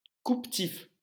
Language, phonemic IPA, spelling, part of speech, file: French, /tif/, tif, noun, LL-Q150 (fra)-tif.wav
- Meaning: hair